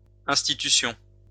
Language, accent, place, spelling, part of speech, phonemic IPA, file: French, France, Lyon, institutions, noun, /ɛ̃s.ti.ty.sjɔ̃/, LL-Q150 (fra)-institutions.wav
- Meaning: plural of institution